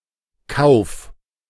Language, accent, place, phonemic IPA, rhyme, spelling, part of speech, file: German, Germany, Berlin, /kaʊ̯f/, -aʊ̯f, Kauf, noun, De-Kauf.ogg
- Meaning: purchase